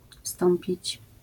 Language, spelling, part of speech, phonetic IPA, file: Polish, wstąpić, verb, [ˈfstɔ̃mpʲit͡ɕ], LL-Q809 (pol)-wstąpić.wav